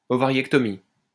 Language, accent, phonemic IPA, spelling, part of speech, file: French, France, /ɔ.va.ʁjɛk.tɔ.mi/, ovariectomie, noun, LL-Q150 (fra)-ovariectomie.wav
- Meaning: ovariectomy